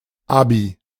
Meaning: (noun) clipping of Abitur; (proper noun) a diminutive of the male given name Abraham, from Hebrew
- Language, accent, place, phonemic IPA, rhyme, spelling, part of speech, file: German, Germany, Berlin, /ˈabi/, -abi, Abi, noun / proper noun, De-Abi.ogg